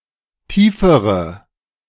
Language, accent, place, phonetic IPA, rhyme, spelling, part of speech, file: German, Germany, Berlin, [ˈtiːfəʁə], -iːfəʁə, tiefere, adjective, De-tiefere.ogg
- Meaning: inflection of tief: 1. strong/mixed nominative/accusative feminine singular comparative degree 2. strong nominative/accusative plural comparative degree